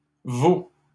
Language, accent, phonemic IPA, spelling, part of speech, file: French, Canada, /vo/, vaux, noun / verb, LL-Q150 (fra)-vaux.wav
- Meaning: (noun) plural of val; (verb) 1. first/second-person singular present indicative of valoir 2. second-person singular present imperative of valoir